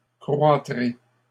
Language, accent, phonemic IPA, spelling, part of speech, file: French, Canada, /kʁwa.tʁe/, croîtrai, verb, LL-Q150 (fra)-croîtrai.wav
- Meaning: first-person singular future of croître